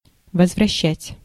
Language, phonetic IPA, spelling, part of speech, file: Russian, [vəzvrɐˈɕːætʲ], возвращать, verb, Ru-возвращать.ogg
- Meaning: 1. to return, to give back 2. to recover, to get back